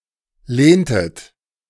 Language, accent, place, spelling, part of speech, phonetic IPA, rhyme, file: German, Germany, Berlin, lehntet, verb, [ˈleːntət], -eːntət, De-lehntet.ogg
- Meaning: inflection of lehnen: 1. second-person plural preterite 2. second-person plural subjunctive II